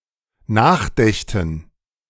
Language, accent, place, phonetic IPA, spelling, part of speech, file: German, Germany, Berlin, [ˈnaːxˌdɛçtn̩], nachdächten, verb, De-nachdächten.ogg
- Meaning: first/third-person plural dependent subjunctive II of nachdenken